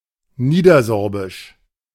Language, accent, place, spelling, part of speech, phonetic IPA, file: German, Germany, Berlin, niedersorbisch, adjective, [ˈniːdɐˌzɔʁbɪʃ], De-niedersorbisch.ogg
- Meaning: Lower Sorbian (related to Lower Lusatia, to its people or to the Lower Sorbian language)